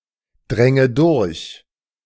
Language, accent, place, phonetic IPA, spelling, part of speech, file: German, Germany, Berlin, [ˌdʁɛŋə ˈdʊʁç], dränge durch, verb, De-dränge durch.ogg
- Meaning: first/third-person singular subjunctive II of durchdringen